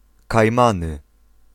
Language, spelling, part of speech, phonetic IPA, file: Polish, Kajmany, proper noun, [kajˈmãnɨ], Pl-Kajmany.ogg